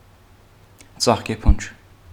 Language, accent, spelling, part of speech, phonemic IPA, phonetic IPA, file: Armenian, Eastern Armenian, ծաղկեփունջ, noun, /t͡sɑχkeˈpʰund͡ʒ/, [t͡sɑχkepʰúnd͡ʒ], Hy-ծաղկեփունջ.ogg
- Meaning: bouquet of flowers